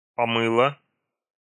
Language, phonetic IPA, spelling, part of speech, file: Russian, [pɐˈmɨɫə], помыла, verb, Ru-помыла.ogg
- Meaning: feminine singular past indicative perfective of помы́ть (pomýtʹ)